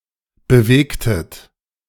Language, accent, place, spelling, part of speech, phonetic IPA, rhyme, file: German, Germany, Berlin, bewegtet, verb, [bəˈveːktət], -eːktət, De-bewegtet.ogg
- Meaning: inflection of bewegen: 1. second-person plural preterite 2. second-person plural subjunctive II